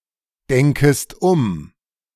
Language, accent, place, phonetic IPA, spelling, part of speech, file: German, Germany, Berlin, [ˌdɛŋkəst ˈʊm], denkest um, verb, De-denkest um.ogg
- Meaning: second-person singular subjunctive I of umdenken